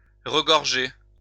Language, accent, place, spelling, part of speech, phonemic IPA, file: French, France, Lyon, regorger, verb, /ʁə.ɡɔʁ.ʒe/, LL-Q150 (fra)-regorger.wav
- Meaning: to abound